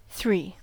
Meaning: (numeral) 1. A numerical value equal to 3; the number following two and preceding four 2. Describing a set or group with three elements; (noun) The digit/figure 3
- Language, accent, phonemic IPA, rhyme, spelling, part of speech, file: English, US, /θɹiː/, -iː, three, numeral / noun, En-us-three.ogg